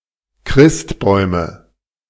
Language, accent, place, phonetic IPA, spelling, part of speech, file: German, Germany, Berlin, [ˈkʁɪstˌbɔɪ̯mə], Christbäume, noun, De-Christbäume.ogg
- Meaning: nominative/accusative/genitive plural of Christbaum "Christmas trees"